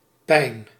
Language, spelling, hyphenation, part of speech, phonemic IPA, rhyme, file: Dutch, pijn, pijn, noun, /pɛi̯n/, -ɛi̯n, Nl-pijn.ogg
- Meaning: 1. pain, ache (physical) 2. pain, hurt (psychological) 3. pine (tree)